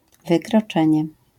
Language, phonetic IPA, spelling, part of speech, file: Polish, [ˌvɨkrɔˈt͡ʃɛ̃ɲɛ], wykroczenie, noun, LL-Q809 (pol)-wykroczenie.wav